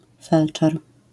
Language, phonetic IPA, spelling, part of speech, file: Polish, [ˈfɛlt͡ʃɛr], felczer, noun, LL-Q809 (pol)-felczer.wav